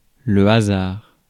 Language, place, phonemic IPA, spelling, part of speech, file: French, Paris, /a.zaʁ/, hasard, noun, Fr-hasard.ogg
- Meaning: 1. (random) chance 2. a coincidence 3. hazard